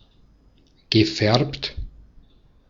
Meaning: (verb) past participle of färben; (adjective) 1. dyed 2. coloured
- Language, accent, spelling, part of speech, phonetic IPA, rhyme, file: German, Austria, gefärbt, verb, [ɡəˈfɛʁpt], -ɛʁpt, De-at-gefärbt.ogg